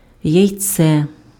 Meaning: 1. egg 2. balls, testicles
- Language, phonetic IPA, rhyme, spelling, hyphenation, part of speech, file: Ukrainian, [jɐi̯ˈt͡sɛ], -ɛ, яйце, яй‧це, noun, Uk-яйце.ogg